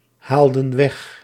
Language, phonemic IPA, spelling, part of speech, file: Dutch, /ˈhaldə(n) ˈwɛx/, haalden weg, verb, Nl-haalden weg.ogg
- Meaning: inflection of weghalen: 1. plural past indicative 2. plural past subjunctive